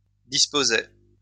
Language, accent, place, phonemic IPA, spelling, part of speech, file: French, France, Lyon, /dis.po.ze/, disposai, verb, LL-Q150 (fra)-disposai.wav
- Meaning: first-person singular past historic of disposer